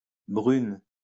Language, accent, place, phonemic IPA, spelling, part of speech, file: French, France, Lyon, /bʁyn/, brune, adjective / noun, LL-Q150 (fra)-brune.wav
- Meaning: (adjective) feminine singular of brun; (noun) brunette (woman with brown hair)